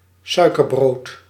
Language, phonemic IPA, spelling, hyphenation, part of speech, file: Dutch, /ˈsœy̯.kərˌbroːt/, suikerbrood, sui‧ker‧brood, noun, Nl-suikerbrood.ogg
- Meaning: 1. a type of Frisian luxury whitebread with pieces of sugar mixed into the dough 2. sugarloaf